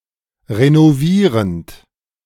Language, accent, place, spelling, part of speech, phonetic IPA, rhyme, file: German, Germany, Berlin, renovierend, verb, [ʁenoˈviːʁənt], -iːʁənt, De-renovierend.ogg
- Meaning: present participle of renovieren